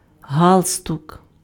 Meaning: 1. necktie, tie 2. neckerchief (scouts, pioneers)
- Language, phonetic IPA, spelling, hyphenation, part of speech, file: Ukrainian, [ˈɦaɫstʊk], галстук, гал‧стук, noun, Uk-галстук.ogg